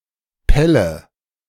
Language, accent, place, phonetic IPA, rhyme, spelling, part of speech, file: German, Germany, Berlin, [ˈpɛlə], -ɛlə, pelle, verb, De-pelle.ogg
- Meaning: inflection of pellen: 1. first-person singular present 2. first/third-person singular subjunctive I 3. singular imperative